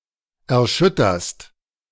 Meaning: second-person singular present of erschüttern
- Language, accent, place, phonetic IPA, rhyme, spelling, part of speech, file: German, Germany, Berlin, [ɛɐ̯ˈʃʏtɐst], -ʏtɐst, erschütterst, verb, De-erschütterst.ogg